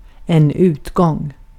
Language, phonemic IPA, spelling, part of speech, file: Swedish, /ˈʉːtɡɔŋ/, utgång, noun, Sv-utgång.ogg
- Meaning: 1. exit, way out (to be used by pedestrians) 2. an act of going out (to some public place, for fun, for example a bar)